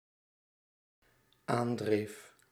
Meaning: singular dependent-clause past indicative of aandrijven
- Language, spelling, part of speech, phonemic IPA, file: Dutch, aandreef, verb, /ˈandref/, Nl-aandreef.ogg